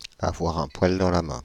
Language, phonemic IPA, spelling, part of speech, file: French, /a.vwa.ʁ‿œ̃ pwal dɑ̃ la mɛ̃/, avoir un poil dans la main, verb, Fr-avoir un poil dans la main.ogg
- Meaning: to be bone-idle, to be extremely lazy